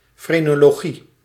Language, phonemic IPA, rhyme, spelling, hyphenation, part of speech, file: Dutch, /ˌfreː.noː.loːˈɣi/, -i, frenologie, fre‧no‧lo‧gie, noun, Nl-frenologie.ogg
- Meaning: phrenology